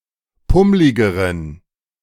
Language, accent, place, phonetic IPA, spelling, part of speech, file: German, Germany, Berlin, [ˈpʊmlɪɡəʁən], pummligeren, adjective, De-pummligeren.ogg
- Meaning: inflection of pummlig: 1. strong genitive masculine/neuter singular comparative degree 2. weak/mixed genitive/dative all-gender singular comparative degree